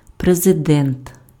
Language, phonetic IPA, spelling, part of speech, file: Ukrainian, [prezeˈdɛnt], президент, noun, Uk-президент.ogg
- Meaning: president